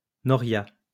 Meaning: noria
- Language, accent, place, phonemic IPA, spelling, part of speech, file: French, France, Lyon, /nɔ.ʁja/, noria, noun, LL-Q150 (fra)-noria.wav